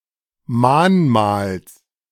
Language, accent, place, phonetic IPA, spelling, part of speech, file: German, Germany, Berlin, [ˈmaːnˌmaːls], Mahnmals, noun, De-Mahnmals.ogg
- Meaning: genitive singular of Mahnmal